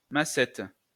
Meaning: 1. club hammer, drilling hammer (tool) 2. bulrush (plant), cattail, reedmace
- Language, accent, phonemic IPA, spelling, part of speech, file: French, France, /ma.sɛt/, massette, noun, LL-Q150 (fra)-massette.wav